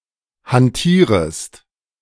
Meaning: second-person singular subjunctive I of hantieren
- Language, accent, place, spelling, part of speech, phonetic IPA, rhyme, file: German, Germany, Berlin, hantierest, verb, [hanˈtiːʁəst], -iːʁəst, De-hantierest.ogg